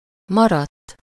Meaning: 1. third-person singular indicative past indefinite of marad 2. past participle of marad
- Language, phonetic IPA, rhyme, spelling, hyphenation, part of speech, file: Hungarian, [ˈmɒrɒtː], -ɒtː, maradt, ma‧radt, verb, Hu-maradt.ogg